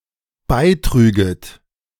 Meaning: second-person plural dependent subjunctive II of beitragen
- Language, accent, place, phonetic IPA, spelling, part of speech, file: German, Germany, Berlin, [ˈbaɪ̯ˌtʁyːɡət], beitrüget, verb, De-beitrüget.ogg